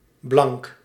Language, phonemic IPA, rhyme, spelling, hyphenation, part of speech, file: Dutch, /ˈblɑŋk/, -ɑŋk, blank, blank, adjective, Nl-blank.ogg
- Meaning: 1. white, pale 2. white (having a light skin tone) 3. not written or printed on 4. colorless, transparent 5. pure